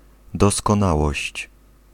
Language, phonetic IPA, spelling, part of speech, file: Polish, [ˌdɔskɔ̃ˈnawɔɕt͡ɕ], doskonałość, noun, Pl-doskonałość.ogg